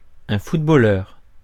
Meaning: footballer (British); football player (Britain), soccer player (US, Canada, Australia)
- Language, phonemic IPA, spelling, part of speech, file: French, /fut.bɔ.lœʁ/, footballeur, noun, Fr-footballeur.ogg